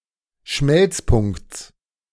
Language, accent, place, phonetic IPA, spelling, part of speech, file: German, Germany, Berlin, [ˈʃmɛlt͡sˌpʊŋkt͡s], Schmelzpunkts, noun, De-Schmelzpunkts.ogg
- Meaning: genitive singular of Schmelzpunkt